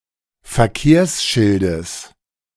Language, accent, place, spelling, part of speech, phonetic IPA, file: German, Germany, Berlin, Verkehrsschildes, noun, [fɛɐ̯ˈkeːɐ̯sˌʃɪldəs], De-Verkehrsschildes.ogg
- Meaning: genitive singular of Verkehrsschild